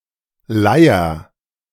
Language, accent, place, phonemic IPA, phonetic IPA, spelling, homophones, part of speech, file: German, Germany, Berlin, /ˈlaɪ̯əʁ/, [ˈlaɪ̯.ɐ], Leier, Leiher, noun, De-Leier.ogg
- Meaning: 1. lyre (ancient Greek lute) 2. hurdy-gurdy (medieval fiddle with a wheel) 3. a recurring and hence annoying lecture, monologue, theme 4. Lyra (constellation)